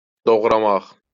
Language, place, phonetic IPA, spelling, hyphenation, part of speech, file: Azerbaijani, Baku, [doɣrɑˈmɑχ], doğramaq, doğ‧ra‧maq, verb, LL-Q9292 (aze)-doğramaq.wav
- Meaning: to chop